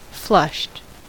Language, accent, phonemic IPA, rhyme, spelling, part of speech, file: English, US, /flʌʃt/, -ʌʃt, flushed, adjective / verb, En-us-flushed.ogg
- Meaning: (adjective) Red in the face because of embarrassment, exertion, etc; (verb) simple past and past participle of flush